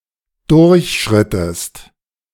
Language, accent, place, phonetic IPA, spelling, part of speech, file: German, Germany, Berlin, [ˈdʊʁçˌʃʁɪtəst], durchschrittest, verb, De-durchschrittest.ogg
- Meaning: inflection of durchschreiten: 1. second-person singular preterite 2. second-person singular subjunctive II